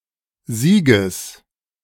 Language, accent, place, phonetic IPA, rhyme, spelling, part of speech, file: German, Germany, Berlin, [ˈziːɡəs], -iːɡəs, Sieges, noun, De-Sieges.ogg
- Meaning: genitive singular of Sieg